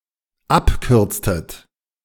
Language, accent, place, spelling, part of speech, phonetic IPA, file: German, Germany, Berlin, abkürztet, verb, [ˈapˌkʏʁt͡stət], De-abkürztet.ogg
- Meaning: inflection of abkürzen: 1. second-person plural dependent preterite 2. second-person plural dependent subjunctive II